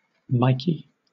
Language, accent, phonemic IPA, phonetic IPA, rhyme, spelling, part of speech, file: English, Southern England, /ˈmaɪki/, [ˈmɐɪ.kʰiː], -aɪki, Mikey, proper noun, LL-Q1860 (eng)-Mikey.wav
- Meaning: A diminutive of the male given name Michael